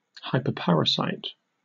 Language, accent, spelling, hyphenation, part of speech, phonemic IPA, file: English, Received Pronunciation, hyperparasite, hy‧per‧par‧a‧site, noun, /ˌhaɪpəˈpæɹəsaɪt/, En-uk-hyperparasite.ogg
- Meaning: 1. Any parasite whose host is a parasite 2. An insect that parasitizes another parasitic insect